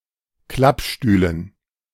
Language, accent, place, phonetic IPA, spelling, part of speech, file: German, Germany, Berlin, [ˈklapˌʃtyːlən], Klappstühlen, noun, De-Klappstühlen.ogg
- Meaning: dative plural of Klappstuhl